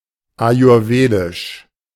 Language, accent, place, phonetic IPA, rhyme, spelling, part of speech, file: German, Germany, Berlin, [ajʊʁˈveːdɪʃ], -eːdɪʃ, ayurwedisch, adjective, De-ayurwedisch.ogg
- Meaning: Ayurvedic